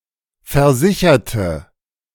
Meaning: inflection of versichern: 1. first/third-person singular preterite 2. first/third-person singular subjunctive II
- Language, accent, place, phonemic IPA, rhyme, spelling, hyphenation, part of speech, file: German, Germany, Berlin, /fɛɐ̯ˈzɪçɐtə/, -ɪçɐtə, versicherte, ver‧si‧cher‧te, verb, De-versicherte.ogg